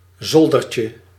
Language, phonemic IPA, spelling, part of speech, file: Dutch, /ˈzoldərcə/, zoldertje, noun, Nl-zoldertje.ogg
- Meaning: diminutive of zolder